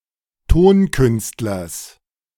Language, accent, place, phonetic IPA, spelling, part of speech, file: German, Germany, Berlin, [ˈtoːnˌkʏnstlɐs], Tonkünstlers, noun, De-Tonkünstlers.ogg
- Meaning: genitive singular of Tonkünstler